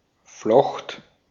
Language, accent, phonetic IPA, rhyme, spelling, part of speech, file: German, Austria, [flɔxt], -ɔxt, flocht, verb, De-at-flocht.ogg
- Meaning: first/third-person singular preterite of flechten